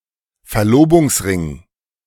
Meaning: engagement ring
- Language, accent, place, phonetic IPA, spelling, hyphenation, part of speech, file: German, Germany, Berlin, [fɛɐ̯ˈloːbʊŋsˌʁɪŋ], Verlobungsring, Ver‧lo‧bungs‧ring, noun, De-Verlobungsring.ogg